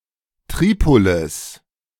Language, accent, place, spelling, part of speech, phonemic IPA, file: German, Germany, Berlin, Tripolis, proper noun, /ˈtʁiːpolɪs/, De-Tripolis.ogg
- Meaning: Tripoli (the capital of Libya)